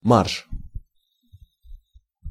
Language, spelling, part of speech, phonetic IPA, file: Russian, марш, noun / interjection, [marʂ], Ru-марш.ogg
- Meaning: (noun) 1. march 2. flight of stairs; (interjection) forward! (command)